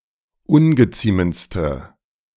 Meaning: inflection of ungeziemend: 1. strong/mixed nominative/accusative feminine singular superlative degree 2. strong nominative/accusative plural superlative degree
- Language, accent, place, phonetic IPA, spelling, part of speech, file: German, Germany, Berlin, [ˈʊnɡəˌt͡siːmənt͡stə], ungeziemendste, adjective, De-ungeziemendste.ogg